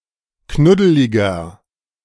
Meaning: 1. comparative degree of knuddelig 2. inflection of knuddelig: strong/mixed nominative masculine singular 3. inflection of knuddelig: strong genitive/dative feminine singular
- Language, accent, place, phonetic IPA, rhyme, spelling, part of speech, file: German, Germany, Berlin, [ˈknʊdəlɪɡɐ], -ʊdəlɪɡɐ, knuddeliger, adjective, De-knuddeliger.ogg